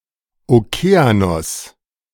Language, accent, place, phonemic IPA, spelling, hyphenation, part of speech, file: German, Germany, Berlin, /oˈkeːanɔs/, Okeanos, Oke‧a‧nos, proper noun, De-Okeanos.ogg
- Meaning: Oceanus